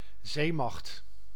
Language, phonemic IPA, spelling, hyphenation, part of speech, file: Dutch, /ˈzeː.mɑxt/, zeemacht, zee‧macht, noun, Nl-zeemacht.ogg
- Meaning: 1. a navy (sea force) 2. a naval power, a country or organisation with considerable military power at sea